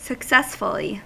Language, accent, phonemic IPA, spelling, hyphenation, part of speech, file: English, US, /səkˈsɛs.fə.li/, successfully, suc‧cess‧ful‧ly, adverb, En-us-successfully.ogg
- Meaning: In a successful manner; with success; without failing